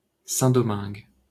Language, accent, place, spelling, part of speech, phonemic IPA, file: French, France, Paris, Saint-Domingue, proper noun, /sɛ̃.dɔ.mɛ̃ɡ/, LL-Q150 (fra)-Saint-Domingue.wav
- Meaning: 1. Saint-Domingue (a former French colony on the island of Hispaniola, roughly equivalent to modern-day Haiti) 2. Santo Domingo (the capital city of the Dominican Republic)